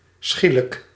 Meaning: 1. swift, quick 2. abrupt, sudden
- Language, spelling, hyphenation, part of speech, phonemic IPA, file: Dutch, schielijk, schie‧lijk, adjective, /ˈsxi.lək/, Nl-schielijk.ogg